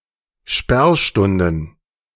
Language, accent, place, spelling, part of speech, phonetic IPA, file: German, Germany, Berlin, Sperrstunden, noun, [ˈʃpɛʁˌʃtʊndn̩], De-Sperrstunden.ogg
- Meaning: plural of Sperrstunde